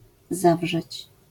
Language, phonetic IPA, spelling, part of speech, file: Polish, [ˈzavʒɛt͡ɕ], zawrzeć, verb, LL-Q809 (pol)-zawrzeć.wav